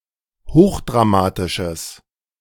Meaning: strong/mixed nominative/accusative neuter singular of hochdramatisch
- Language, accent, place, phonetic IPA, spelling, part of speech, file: German, Germany, Berlin, [ˈhoːxdʁaˌmaːtɪʃəs], hochdramatisches, adjective, De-hochdramatisches.ogg